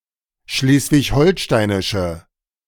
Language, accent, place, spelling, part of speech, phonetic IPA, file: German, Germany, Berlin, schleswig-holsteinische, adjective, [ˈʃleːsvɪçˈhɔlʃtaɪ̯nɪʃə], De-schleswig-holsteinische.ogg
- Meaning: inflection of schleswig-holsteinisch: 1. strong/mixed nominative/accusative feminine singular 2. strong nominative/accusative plural 3. weak nominative all-gender singular